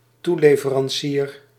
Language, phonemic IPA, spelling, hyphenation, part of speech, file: Dutch, /ˈtuˌleː.və.rɑnˌsiːr/, toeleverancier, toe‧le‧ve‧ran‧cier, noun, Nl-toeleverancier.ogg
- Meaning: subcontractor